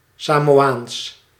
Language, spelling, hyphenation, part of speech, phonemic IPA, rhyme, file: Dutch, Samoaans, Sa‧mo‧aans, proper noun / adjective, /saːmoːˈaːns/, -aːns, Nl-Samoaans.ogg
- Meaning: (proper noun) Samoan (language); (adjective) Samoan, in, from or relating to Samoa